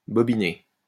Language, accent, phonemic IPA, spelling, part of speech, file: French, France, /bɔ.bi.ne/, bobiner, verb, LL-Q150 (fra)-bobiner.wav
- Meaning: to wind onto a bobbin